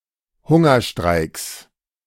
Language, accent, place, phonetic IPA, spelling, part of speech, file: German, Germany, Berlin, [ˈhʊŋɐˌʃtʁaɪ̯ks], Hungerstreiks, noun, De-Hungerstreiks.ogg
- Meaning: plural of Hungerstreik